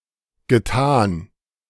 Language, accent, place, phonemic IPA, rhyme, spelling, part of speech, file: German, Germany, Berlin, /ɡəˈtaːn/, -aːn, getan, verb, De-getan.ogg
- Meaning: past participle of tun